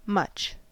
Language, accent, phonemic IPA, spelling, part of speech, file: English, US, /mʌt͡ʃ/, much, determiner / adjective / adverb / pronoun, En-us-much.ogg
- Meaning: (determiner) 1. A large amount of 2. Used to indicate, demonstrate or compare the quantity of something 3. A great number of; many (people) 4. many ( + plural countable noun); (adjective) Large, great